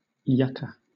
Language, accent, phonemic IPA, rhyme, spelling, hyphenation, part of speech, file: English, Southern England, /ˈjʌkə/, -ʌkə, yucca, yuc‧ca, noun, LL-Q1860 (eng)-yucca.wav
- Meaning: 1. Any of several evergreen plants of the genus Yucca, having long, pointed, and rigid leaves at the top of a woody stem, and bearing a large panicle of showy white blossoms 2. The yuca (cassava)